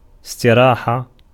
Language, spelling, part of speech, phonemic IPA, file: Arabic, استراحة, noun, /is.ti.raː.ħa/, Ar-استراحة.ogg
- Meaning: 1. verbal noun of اِسْتَرَاحَ (istarāḥa) (form X) 2. reposing, resting 3. tranquility 4. pausing 5. rest 6. pause 7. smelling